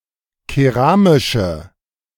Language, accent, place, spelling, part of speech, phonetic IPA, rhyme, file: German, Germany, Berlin, keramische, adjective, [keˈʁaːmɪʃə], -aːmɪʃə, De-keramische.ogg
- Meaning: inflection of keramisch: 1. strong/mixed nominative/accusative feminine singular 2. strong nominative/accusative plural 3. weak nominative all-gender singular